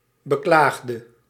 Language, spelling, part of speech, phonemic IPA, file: Dutch, beklaagde, noun / verb, /bəˈklaxdə/, Nl-beklaagde.ogg
- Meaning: inflection of beklagen: 1. singular past indicative 2. singular past subjunctive